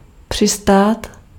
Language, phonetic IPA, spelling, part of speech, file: Czech, [ˈpr̝̊ɪstaːt], přistát, verb, Cs-přistát.ogg
- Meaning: 1. to land (to arrive at land, especially a shore, or a dock, from a body of water) 2. to land (to descend to a surface from the air)